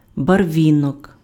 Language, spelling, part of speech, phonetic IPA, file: Ukrainian, барвінок, noun, [bɐrˈʋʲinɔk], Uk-барвінок.ogg
- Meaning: periwinkle